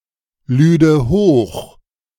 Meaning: first/third-person singular subjunctive II of hochladen
- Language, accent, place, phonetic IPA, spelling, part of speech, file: German, Germany, Berlin, [ˌlyːdə ˈhoːx], lüde hoch, verb, De-lüde hoch.ogg